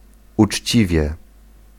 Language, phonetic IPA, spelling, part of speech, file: Polish, [ut͡ʃʲˈt͡ɕivʲjɛ], uczciwie, adverb, Pl-uczciwie.ogg